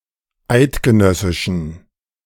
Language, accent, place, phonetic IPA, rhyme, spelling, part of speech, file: German, Germany, Berlin, [ˈaɪ̯tɡəˌnœsɪʃn̩], -aɪ̯tɡənœsɪʃn̩, eidgenössischen, adjective, De-eidgenössischen.ogg
- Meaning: inflection of eidgenössisch: 1. strong genitive masculine/neuter singular 2. weak/mixed genitive/dative all-gender singular 3. strong/weak/mixed accusative masculine singular 4. strong dative plural